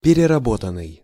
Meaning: past passive perfective participle of перерабо́тать (pererabótatʹ)
- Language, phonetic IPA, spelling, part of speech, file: Russian, [pʲɪrʲɪrɐˈbotən(ː)ɨj], переработанный, verb, Ru-переработанный.ogg